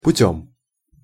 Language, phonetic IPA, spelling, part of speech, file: Russian, [pʊˈtʲɵm], путём, noun / preposition / adverb, Ru-путём.ogg
- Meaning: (noun) instrumental singular of путь (putʹ); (preposition) by means of, through, via; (adverb) properly